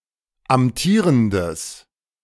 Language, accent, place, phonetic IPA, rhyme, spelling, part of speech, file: German, Germany, Berlin, [amˈtiːʁəndəs], -iːʁəndəs, amtierendes, adjective, De-amtierendes.ogg
- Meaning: strong/mixed nominative/accusative neuter singular of amtierend